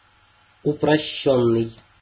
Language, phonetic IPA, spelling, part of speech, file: Russian, [ʊprɐˈɕːɵnːɨj], упрощённый, verb / adjective, Ru-упрощённый.ogg
- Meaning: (verb) past passive perfective participle of упрости́ть (uprostítʹ); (adjective) 1. simplified 2. simplistic, oversimplified